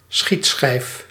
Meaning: shooting target (target with concentric circles used in shooting and archery training)
- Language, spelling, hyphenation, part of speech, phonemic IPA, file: Dutch, schietschijf, schiet‧schijf, noun, /ˈsxit.sxɛi̯f/, Nl-schietschijf.ogg